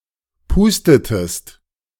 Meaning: inflection of pusten: 1. second-person singular preterite 2. second-person singular subjunctive II
- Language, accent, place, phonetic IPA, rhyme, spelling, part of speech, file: German, Germany, Berlin, [ˈpuːstətəst], -uːstətəst, pustetest, verb, De-pustetest.ogg